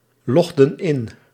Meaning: inflection of inloggen: 1. plural past indicative 2. plural past subjunctive
- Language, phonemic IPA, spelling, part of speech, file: Dutch, /ˈlɔɣdə(n) ˈɪn/, logden in, verb, Nl-logden in.ogg